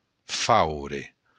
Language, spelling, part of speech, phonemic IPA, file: Occitan, faure, noun, /ˈfawɾe/, LL-Q942602-faure.wav
- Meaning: blacksmith